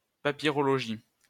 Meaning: papyrology
- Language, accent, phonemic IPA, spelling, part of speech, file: French, France, /pa.pi.ʁɔ.lɔ.ʒi/, papyrologie, noun, LL-Q150 (fra)-papyrologie.wav